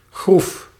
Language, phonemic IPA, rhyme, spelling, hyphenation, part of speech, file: Dutch, /ɣruf/, -uf, groef, groef, noun / verb, Nl-groef.ogg
- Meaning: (noun) 1. wrinkle 2. a groove carved into an object or a joint between two pieces of wood (such as a tongue and groove joint); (verb) singular past indicative of graven